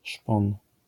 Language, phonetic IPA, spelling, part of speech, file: Polish, [ʃpɔ̃n], szpon, noun, LL-Q809 (pol)-szpon.wav